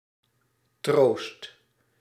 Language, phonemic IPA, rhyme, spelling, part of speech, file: Dutch, /troːst/, -oːst, troost, noun / verb, Nl-troost.ogg
- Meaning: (noun) a comfort, consolation; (verb) inflection of troosten: 1. first/second/third-person singular present indicative 2. imperative